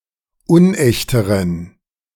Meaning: inflection of unecht: 1. strong genitive masculine/neuter singular comparative degree 2. weak/mixed genitive/dative all-gender singular comparative degree
- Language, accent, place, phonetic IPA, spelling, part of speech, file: German, Germany, Berlin, [ˈʊnˌʔɛçtəʁən], unechteren, adjective, De-unechteren.ogg